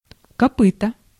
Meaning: hoof (foot of an animal)
- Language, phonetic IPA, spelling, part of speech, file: Russian, [kɐˈpɨtə], копыто, noun, Ru-копыто.ogg